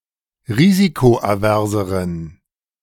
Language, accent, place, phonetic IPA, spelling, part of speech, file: German, Germany, Berlin, [ˈʁiːzikoʔaˌvɛʁzəʁən], risikoaverseren, adjective, De-risikoaverseren.ogg
- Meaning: inflection of risikoavers: 1. strong genitive masculine/neuter singular comparative degree 2. weak/mixed genitive/dative all-gender singular comparative degree